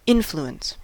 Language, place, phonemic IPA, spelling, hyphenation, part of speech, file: English, California, /ˈɪn.flu.əns/, influence, in‧flu‧ence, noun / verb, En-us-influence.ogg
- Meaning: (noun) The power to affect, control or manipulate something or someone; the ability to change the development of fluctuating things such as conduct, thoughts or decisions